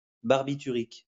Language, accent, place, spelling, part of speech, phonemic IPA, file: French, France, Lyon, barbiturique, noun / adjective, /baʁ.bi.ty.ʁik/, LL-Q150 (fra)-barbiturique.wav
- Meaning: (noun) barbiturate; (adjective) barbituric